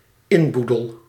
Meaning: furniture
- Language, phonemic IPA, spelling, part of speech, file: Dutch, /ˈɪnˌbu.dəl/, inboedel, noun, Nl-inboedel.ogg